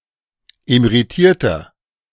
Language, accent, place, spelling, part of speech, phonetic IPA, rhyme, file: German, Germany, Berlin, emeritierter, adjective, [emeʁiˈtiːɐ̯tɐ], -iːɐ̯tɐ, De-emeritierter.ogg
- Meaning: inflection of emeritiert: 1. strong/mixed nominative masculine singular 2. strong genitive/dative feminine singular 3. strong genitive plural